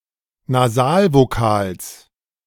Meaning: genitive singular of Nasalvokal
- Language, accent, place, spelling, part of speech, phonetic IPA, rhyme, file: German, Germany, Berlin, Nasalvokals, noun, [naˈzaːlvoˌkaːls], -aːlvokaːls, De-Nasalvokals.ogg